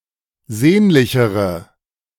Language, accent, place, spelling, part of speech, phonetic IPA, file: German, Germany, Berlin, sehnlichere, adjective, [ˈzeːnlɪçəʁə], De-sehnlichere.ogg
- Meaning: inflection of sehnlich: 1. strong/mixed nominative/accusative feminine singular comparative degree 2. strong nominative/accusative plural comparative degree